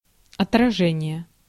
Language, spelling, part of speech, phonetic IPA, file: Russian, отражение, noun, [ɐtrɐˈʐɛnʲɪje], Ru-отражение.ogg
- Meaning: 1. reflection, reverberation 2. repulse, parry, warding off